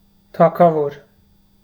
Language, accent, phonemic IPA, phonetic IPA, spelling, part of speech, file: Armenian, Eastern Armenian, /tʰɑkʰɑˈvoɾ/, [tʰɑkʰɑvóɾ], թագավոր, noun, Hy-թագավոր.ogg
- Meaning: 1. king 2. bridegroom (because he carries a crown during the wedding)